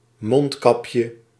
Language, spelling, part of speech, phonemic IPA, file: Dutch, mondkapje, noun, /ˈmɔnt.kɑpjə/, Nl-mondkapje.ogg
- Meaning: diminutive of mondkap